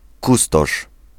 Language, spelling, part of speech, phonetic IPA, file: Polish, kustosz, noun, [ˈkustɔʃ], Pl-kustosz.ogg